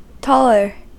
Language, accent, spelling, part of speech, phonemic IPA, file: English, US, taller, adjective, /ˈtɔ.lɚ/, En-us-taller.ogg
- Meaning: comparative form of tall: more tall